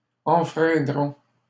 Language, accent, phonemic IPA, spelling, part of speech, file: French, Canada, /ɑ̃.fʁɛ̃.dʁɔ̃/, enfreindront, verb, LL-Q150 (fra)-enfreindront.wav
- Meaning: third-person plural simple future of enfreindre